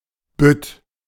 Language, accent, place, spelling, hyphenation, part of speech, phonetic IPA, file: German, Germany, Berlin, Bütt, Bütt, noun, [bʏt], De-Bütt.ogg
- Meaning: alternative form of Bütte, used especially in the sense “lectern for a carnival comedian”; see the main lemma